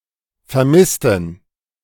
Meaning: inflection of vermissen: 1. first/third-person plural preterite 2. first/third-person plural subjunctive II
- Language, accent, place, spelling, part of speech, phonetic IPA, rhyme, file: German, Germany, Berlin, vermissten, adjective / verb, [fɛɐ̯ˈmɪstn̩], -ɪstn̩, De-vermissten.ogg